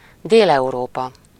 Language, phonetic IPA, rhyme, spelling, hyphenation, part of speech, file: Hungarian, [ˈdeːlɛuroːpɒ], -pɒ, Dél-Európa, Dél-Eu‧ró‧pa, proper noun, Hu-Dél-Európa.ogg
- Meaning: Southern Europe (a sociopolitical region of Europe including such countries as Spain, Portugal, Italy, and Greece)